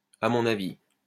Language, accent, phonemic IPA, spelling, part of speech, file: French, France, /a mɔ̃.n‿a.vi/, à mon avis, adverb, LL-Q150 (fra)-à mon avis.wav
- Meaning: in my opinion